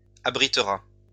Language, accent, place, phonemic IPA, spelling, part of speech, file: French, France, Lyon, /a.bʁi.tʁa/, abritera, verb, LL-Q150 (fra)-abritera.wav
- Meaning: third-person singular future of abriter